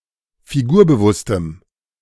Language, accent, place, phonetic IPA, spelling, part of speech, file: German, Germany, Berlin, [fiˈɡuːɐ̯bəˌvʊstəm], figurbewusstem, adjective, De-figurbewusstem.ogg
- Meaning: strong dative masculine/neuter singular of figurbewusst